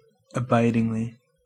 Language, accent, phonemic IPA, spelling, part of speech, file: English, US, /əˈbaɪ.dɪŋ.li/, abidingly, adverb, En-us-abidingly.ogg
- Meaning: In an abiding manner; permanently